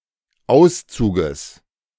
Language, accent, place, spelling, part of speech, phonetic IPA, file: German, Germany, Berlin, Auszuges, noun, [ˈaʊ̯st͡suːɡəs], De-Auszuges.ogg
- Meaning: genitive singular of Auszug